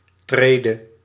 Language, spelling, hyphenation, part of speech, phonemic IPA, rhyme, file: Dutch, trede, tre‧de, noun / verb, /ˈtreː.də/, -eːdə, Nl-trede.ogg
- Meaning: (noun) alternative form of tree; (verb) singular present subjunctive of treden